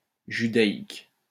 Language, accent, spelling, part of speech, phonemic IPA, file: French, France, judaïque, adjective, /ʒy.da.ik/, LL-Q150 (fra)-judaïque.wav
- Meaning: 1. Judaic 2. Jewish